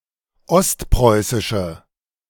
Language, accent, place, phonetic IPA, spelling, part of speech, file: German, Germany, Berlin, [ˈɔstˌpʁɔɪ̯sɪʃə], ostpreußische, adjective, De-ostpreußische.ogg
- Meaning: inflection of ostpreußisch: 1. strong/mixed nominative/accusative feminine singular 2. strong nominative/accusative plural 3. weak nominative all-gender singular